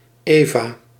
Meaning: a half-apron
- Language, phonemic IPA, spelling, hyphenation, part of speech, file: Dutch, /ˈeː.vaː/, eva, eva, noun, Nl-eva.ogg